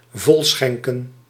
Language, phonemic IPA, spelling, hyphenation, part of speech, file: Dutch, /ˈvɔlˌsxɛŋ.kə(n)/, volschenken, vol‧schen‧ken, verb, Nl-volschenken.ogg
- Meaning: to pour full